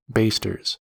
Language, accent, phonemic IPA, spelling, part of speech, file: English, US, /ˈbeɪstɚz/, basters, noun, En-us-basters.ogg
- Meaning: plural of baster